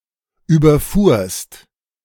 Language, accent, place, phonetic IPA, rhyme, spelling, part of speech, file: German, Germany, Berlin, [ˌyːbɐˈfuːɐ̯st], -uːɐ̯st, überfuhrst, verb, De-überfuhrst.ogg
- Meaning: second-person singular preterite of überfahren